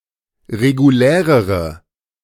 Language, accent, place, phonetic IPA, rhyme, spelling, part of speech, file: German, Germany, Berlin, [ʁeɡuˈlɛːʁəʁə], -ɛːʁəʁə, regulärere, adjective, De-regulärere.ogg
- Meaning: inflection of regulär: 1. strong/mixed nominative/accusative feminine singular comparative degree 2. strong nominative/accusative plural comparative degree